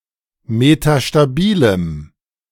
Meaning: strong dative masculine/neuter singular of metastabil
- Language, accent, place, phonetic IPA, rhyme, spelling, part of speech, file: German, Germany, Berlin, [metaʃtaˈbiːləm], -iːləm, metastabilem, adjective, De-metastabilem.ogg